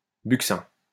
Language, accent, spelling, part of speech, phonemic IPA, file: French, France, buccin, noun, /byk.sɛ̃/, LL-Q150 (fra)-buccin.wav
- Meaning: 1. whelk (any one of numerous species belonging to family Buccinidae, edible clams, such as whelks and their relatives) 2. buccina (curved brass instrument)